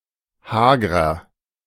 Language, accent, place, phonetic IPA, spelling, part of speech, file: German, Germany, Berlin, [ˈhaːɡʁɐ], hagrer, adjective, De-hagrer.ogg
- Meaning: inflection of hager: 1. strong/mixed nominative masculine singular 2. strong genitive/dative feminine singular 3. strong genitive plural